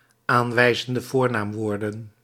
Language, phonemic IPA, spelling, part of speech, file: Dutch, /ˈaɱwɛizəndə ˈvornamˌwordə(n)/, aanwijzende voornaamwoorden, phrase, Nl-aanwijzende voornaamwoorden.ogg
- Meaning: plural of aanwijzend voornaamwoord